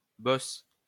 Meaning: 1. boss (leader) 2. boss (challenging enemy in a video game)
- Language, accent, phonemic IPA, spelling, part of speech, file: French, France, /bɔs/, boss, noun, LL-Q150 (fra)-boss.wav